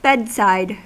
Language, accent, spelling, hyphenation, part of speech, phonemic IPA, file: English, US, bedside, bed‧side, noun, /ˈbɛdˌsaɪd/, En-us-bedside.ogg
- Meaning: 1. A position at the side of one's bed 2. Any of the side panels of the bed of a truck